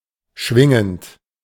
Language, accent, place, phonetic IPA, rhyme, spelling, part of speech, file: German, Germany, Berlin, [ˈʃvɪŋənt], -ɪŋənt, schwingend, verb, De-schwingend.ogg
- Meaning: present participle of schwingen